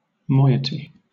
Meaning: 1. A half 2. A share or portion, especially a smaller share 3. Each descent group in a culture which is divided exactly into two descent groups 4. A specific segment of a molecule
- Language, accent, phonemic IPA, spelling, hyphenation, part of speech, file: English, Southern England, /ˈmɔɪ.ə.ti/, moiety, moi‧e‧ty, noun, LL-Q1860 (eng)-moiety.wav